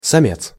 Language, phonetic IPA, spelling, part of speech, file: Russian, [sɐˈmʲet͡s], самец, noun, Ru-самец.ogg
- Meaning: 1. male 2. macho